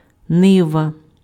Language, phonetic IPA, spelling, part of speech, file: Ukrainian, [ˈnɪʋɐ], нива, noun, Uk-нива.ogg
- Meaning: 1. cornfield 2. field